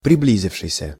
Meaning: past active perfective participle of прибли́зиться (priblízitʹsja)
- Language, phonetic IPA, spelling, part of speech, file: Russian, [prʲɪˈblʲizʲɪfʂɨjsʲə], приблизившийся, verb, Ru-приблизившийся.ogg